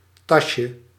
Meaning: diminutive of tas
- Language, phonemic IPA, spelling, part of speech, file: Dutch, /ˈtɑʃə/, tasje, noun, Nl-tasje.ogg